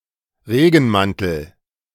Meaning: raincoat, mackintosh (UK)
- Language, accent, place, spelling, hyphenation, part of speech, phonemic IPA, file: German, Germany, Berlin, Regenmantel, Re‧gen‧man‧tel, noun, /ˈʁeːɡn̩ˌmantl̩/, De-Regenmantel.ogg